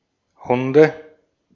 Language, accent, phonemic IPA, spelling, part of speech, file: German, Austria, /ˈhʊndə/, Hunde, noun, De-at-Hunde.ogg
- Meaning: 1. nominative/accusative/genitive plural of Hund 2. dative singular of Hund